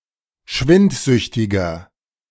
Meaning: inflection of schwindsüchtig: 1. strong/mixed nominative masculine singular 2. strong genitive/dative feminine singular 3. strong genitive plural
- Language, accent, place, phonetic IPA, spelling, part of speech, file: German, Germany, Berlin, [ˈʃvɪntˌzʏçtɪɡɐ], schwindsüchtiger, adjective, De-schwindsüchtiger.ogg